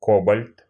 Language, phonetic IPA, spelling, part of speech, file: Russian, [ˈkobəlʲt], кобальт, noun, Ru-кобальт.ogg
- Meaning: cobalt